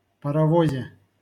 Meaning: prepositional singular of парово́з (parovóz)
- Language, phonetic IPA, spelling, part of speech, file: Russian, [pərɐˈvozʲe], паровозе, noun, LL-Q7737 (rus)-паровозе.wav